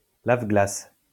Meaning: windscreen washer
- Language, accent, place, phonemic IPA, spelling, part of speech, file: French, France, Lyon, /lav.ɡlas/, lave-glace, noun, LL-Q150 (fra)-lave-glace.wav